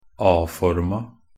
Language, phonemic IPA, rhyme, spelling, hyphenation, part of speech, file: Norwegian Bokmål, /ˈɑː.fɔrma/, -ɔrma, a-forma, a-‧for‧ma, noun, Nb-a-forma.ogg
- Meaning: definite feminine singular of a-form